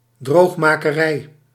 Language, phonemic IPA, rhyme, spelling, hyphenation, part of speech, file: Dutch, /ˌdroːx.maː.kəˈrɛi̯/, -ɛi̯, droogmakerij, droog‧ma‧ke‧rij, noun, Nl-droogmakerij.ogg
- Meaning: 1. a portion of land that is being or has been formed by draining a body of water or a marsh 2. the process or enterprise of producing such a portion of land